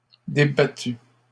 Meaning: feminine singular of débattu
- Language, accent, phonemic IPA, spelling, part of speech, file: French, Canada, /de.ba.ty/, débattue, verb, LL-Q150 (fra)-débattue.wav